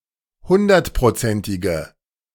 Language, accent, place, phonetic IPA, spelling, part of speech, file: German, Germany, Berlin, [ˈhʊndɐtpʁoˌt͡sɛntɪɡə], hundertprozentige, adjective, De-hundertprozentige.ogg
- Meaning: inflection of hundertprozentig: 1. strong/mixed nominative/accusative feminine singular 2. strong nominative/accusative plural 3. weak nominative all-gender singular